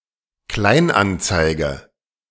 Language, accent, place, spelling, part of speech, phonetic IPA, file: German, Germany, Berlin, Kleinanzeige, noun, [ˈklaɪ̯nʔanˌt͡saɪ̯ɡə], De-Kleinanzeige.ogg
- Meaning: classified ad, classified advertisement